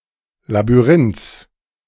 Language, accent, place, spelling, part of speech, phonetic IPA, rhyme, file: German, Germany, Berlin, Labyrinths, noun, [labyˈʁɪnt͡s], -ɪnt͡s, De-Labyrinths.ogg
- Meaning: genitive of Labyrinth